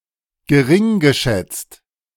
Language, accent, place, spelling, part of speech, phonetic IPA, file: German, Germany, Berlin, geringgeschätzt, verb, [ɡəˈʁɪŋɡəˌʃɛt͡st], De-geringgeschätzt.ogg
- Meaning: past participle of geringschätzen